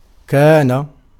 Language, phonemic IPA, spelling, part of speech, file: Arabic, /kaː.na/, كان, verb, Ar-كان.ogg
- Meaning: 1. to be 2. forms the past perfect, past continuous, future perfect and future continuous tenses 3. to exist, to be, there be 4. to behove 5. to happen, to occur, to take place